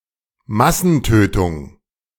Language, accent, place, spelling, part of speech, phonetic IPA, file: German, Germany, Berlin, Massentötung, noun, [ˈmasn̩ˌtøːtʊŋ], De-Massentötung.ogg
- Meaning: mass killing